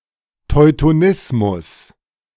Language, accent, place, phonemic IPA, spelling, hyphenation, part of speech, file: German, Germany, Berlin, /tɔɪ̯toˈnɪsmʊs/, Teutonismus, Teu‧to‧nis‧mus, noun, De-Teutonismus.ogg
- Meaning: Teutonism